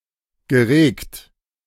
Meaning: past participle of regen
- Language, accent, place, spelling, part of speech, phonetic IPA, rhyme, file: German, Germany, Berlin, geregt, verb, [ɡəˈʁeːkt], -eːkt, De-geregt.ogg